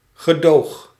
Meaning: inflection of gedogen: 1. first-person singular present indicative 2. second-person singular present indicative 3. imperative
- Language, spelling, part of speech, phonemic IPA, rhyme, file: Dutch, gedoog, verb, /ɣəˈdoːx/, -oːx, Nl-gedoog.ogg